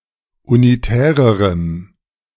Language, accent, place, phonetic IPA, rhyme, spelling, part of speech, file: German, Germany, Berlin, [uniˈtɛːʁəʁəm], -ɛːʁəʁəm, unitärerem, adjective, De-unitärerem.ogg
- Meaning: strong dative masculine/neuter singular comparative degree of unitär